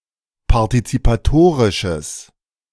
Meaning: strong/mixed nominative/accusative neuter singular of partizipatorisch
- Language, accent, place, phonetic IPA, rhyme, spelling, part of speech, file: German, Germany, Berlin, [paʁtit͡sipaˈtoːʁɪʃəs], -oːʁɪʃəs, partizipatorisches, adjective, De-partizipatorisches.ogg